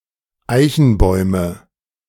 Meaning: nominative/accusative/genitive plural of Eichenbaum
- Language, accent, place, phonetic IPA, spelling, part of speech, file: German, Germany, Berlin, [ˈaɪ̯çn̩ˌbɔɪ̯mə], Eichenbäume, noun, De-Eichenbäume.ogg